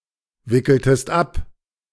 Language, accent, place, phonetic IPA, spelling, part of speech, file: German, Germany, Berlin, [ˌvɪkl̩təst ˈap], wickeltest ab, verb, De-wickeltest ab.ogg
- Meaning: inflection of abwickeln: 1. second-person singular preterite 2. second-person singular subjunctive II